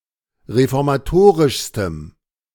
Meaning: strong dative masculine/neuter singular superlative degree of reformatorisch
- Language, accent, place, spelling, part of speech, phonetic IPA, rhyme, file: German, Germany, Berlin, reformatorischstem, adjective, [ʁefɔʁmaˈtoːʁɪʃstəm], -oːʁɪʃstəm, De-reformatorischstem.ogg